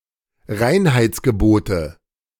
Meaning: nominative/accusative/genitive plural of Reinheitsgebot
- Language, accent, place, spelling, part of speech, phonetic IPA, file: German, Germany, Berlin, Reinheitsgebote, noun, [ˈʁaɪ̯nhaɪ̯t͡sɡəˌboːtə], De-Reinheitsgebote.ogg